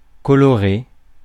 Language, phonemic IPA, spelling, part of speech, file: French, /kɔ.lɔ.ʁe/, colorer, verb, Fr-colorer.ogg
- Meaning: to color